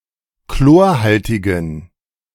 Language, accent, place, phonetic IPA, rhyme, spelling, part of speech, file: German, Germany, Berlin, [ˈkloːɐ̯ˌhaltɪɡn̩], -oːɐ̯haltɪɡn̩, chlorhaltigen, adjective, De-chlorhaltigen.ogg
- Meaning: inflection of chlorhaltig: 1. strong genitive masculine/neuter singular 2. weak/mixed genitive/dative all-gender singular 3. strong/weak/mixed accusative masculine singular 4. strong dative plural